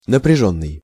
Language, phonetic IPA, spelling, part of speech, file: Russian, [nəprʲɪˈʐonːɨj], напряжённый, verb / adjective, Ru-напряжённый.ogg
- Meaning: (verb) past passive perfective participle of напря́чь (naprjáčʹ); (adjective) 1. intense, intensive 2. strained 3. arduous (needing or using up much energy)